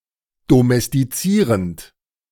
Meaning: present participle of domestizieren
- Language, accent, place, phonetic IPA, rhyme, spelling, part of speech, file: German, Germany, Berlin, [domɛstiˈt͡siːʁənt], -iːʁənt, domestizierend, verb, De-domestizierend.ogg